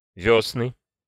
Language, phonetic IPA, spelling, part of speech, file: Russian, [ˈvʲɵsnɨ], вёсны, noun, Ru-вёсны.ogg
- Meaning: nominative/accusative plural of весна́ (vesná)